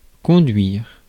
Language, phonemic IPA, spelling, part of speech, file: French, /kɔ̃.dɥiʁ/, conduire, verb, Fr-conduire.ogg
- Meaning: 1. to drive (a vehicle) 2. to lead, to conduct 3. to behave, to conduct oneself